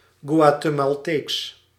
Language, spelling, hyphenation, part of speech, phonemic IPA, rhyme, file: Dutch, Guatemalteeks, Gua‧te‧mal‧teeks, adjective, /ɡʋaː.tə.mɑlˈteːks/, -eːks, Nl-Guatemalteeks.ogg
- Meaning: Guatemalan (of, from, or pertaining to Guatemala or its people)